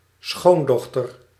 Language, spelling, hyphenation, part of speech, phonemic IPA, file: Dutch, schoondochter, schoon‧doch‧ter, noun, /ˈsxondɔxtər/, Nl-schoondochter.ogg
- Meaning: daughter-in-law (wife of someone's son)